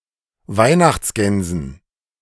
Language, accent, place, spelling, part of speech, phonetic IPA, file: German, Germany, Berlin, Weihnachtsgänsen, noun, [ˈvaɪ̯naxt͡sˌɡɛnzn̩], De-Weihnachtsgänsen.ogg
- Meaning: dative plural of Weihnachtsgans